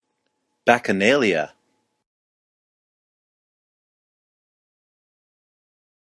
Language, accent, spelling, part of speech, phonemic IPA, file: English, US, bacchanalia, noun, /ˌbæk.əˈnɑː.lɪə/, En-us-bacchanalia.oga
- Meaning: Any wild, orgiastic party or celebration